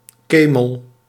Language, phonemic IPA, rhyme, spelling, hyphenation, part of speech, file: Dutch, /ˈkeː.məl/, -eːməl, kemel, ke‧mel, noun, Nl-kemel.ogg
- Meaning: 1. camel 2. mistake, error